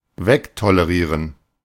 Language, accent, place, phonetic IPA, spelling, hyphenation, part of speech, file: German, Germany, Berlin, [ˈvɛktoleˌʁiːʁən], wegtolerieren, weg‧to‧le‧rie‧ren, verb, De-wegtolerieren.ogg
- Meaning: to disregard, overlook (in a manner of tolerance as far as ignorance)